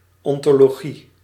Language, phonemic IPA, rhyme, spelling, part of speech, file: Dutch, /ˌɔn.toː.loːˈɣi/, -i, ontologie, noun, Nl-ontologie.ogg
- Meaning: ontology (the metaphysical study of being)